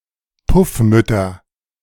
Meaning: nominative/accusative/genitive plural of Puffmutter
- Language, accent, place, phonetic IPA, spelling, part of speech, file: German, Germany, Berlin, [ˈpʊfˌmʏtɐ], Puffmütter, noun, De-Puffmütter.ogg